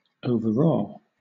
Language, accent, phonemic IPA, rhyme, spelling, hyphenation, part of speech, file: English, Southern England, /əʊvəˈɹɔː/, -ɔː, overawe, over‧awe, verb, LL-Q1860 (eng)-overawe.wav
- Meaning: To restrain, subdue, or control by awe; to cow